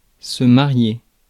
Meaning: 1. to marry, to marry off; to perform or cause the marriage of 2. to wed, to marry (one's spouse) 3. to get married, to wed
- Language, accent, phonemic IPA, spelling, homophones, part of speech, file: French, France, /ma.ʁje/, marier, mariai / marié / mariée / mariées / mariés / mariez, verb, Fr-marier.ogg